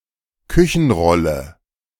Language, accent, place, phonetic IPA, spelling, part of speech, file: German, Germany, Berlin, [ˈkʏçn̩ˌʁɔlə], Küchenrolle, noun, De-Küchenrolle.ogg
- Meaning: 1. a kitchen roll; a roll of kitchen paper 2. such paper; an indefinite amount of it